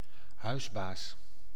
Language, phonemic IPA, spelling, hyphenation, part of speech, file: Dutch, /ˈhœyzbas/, huisbaas, huis‧baas, noun, Nl-huisbaas.ogg
- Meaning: a landlord, who rents a home he owns, or room(s) in it, to one or more tenants